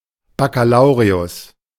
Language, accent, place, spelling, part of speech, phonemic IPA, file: German, Germany, Berlin, Bakkalaureus, noun, /bakaˈlaʊ̯ʁeʊs/, De-Bakkalaureus.ogg
- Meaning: A man successfully reached the Bakkalaureat title